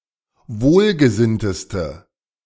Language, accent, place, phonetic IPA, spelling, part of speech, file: German, Germany, Berlin, [ˈvoːlɡəˌzɪntəstə], wohlgesinnteste, adjective, De-wohlgesinnteste.ogg
- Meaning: inflection of wohlgesinnt: 1. strong/mixed nominative/accusative feminine singular superlative degree 2. strong nominative/accusative plural superlative degree